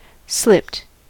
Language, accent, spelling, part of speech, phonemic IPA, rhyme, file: English, US, slipped, adjective / verb, /slɪpt/, -ɪpt, En-us-slipped.ogg
- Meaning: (adjective) With part of the stalk displayed; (verb) simple past and past participle of slip